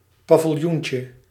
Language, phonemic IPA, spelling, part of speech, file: Dutch, /pavɪlˈjuɲcə/, paviljoentje, noun, Nl-paviljoentje.ogg
- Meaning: diminutive of paviljoen